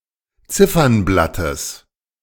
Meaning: genitive singular of Ziffernblatt
- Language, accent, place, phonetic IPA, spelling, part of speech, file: German, Germany, Berlin, [ˈt͡sɪfɐnˌblatəs], Ziffernblattes, noun, De-Ziffernblattes.ogg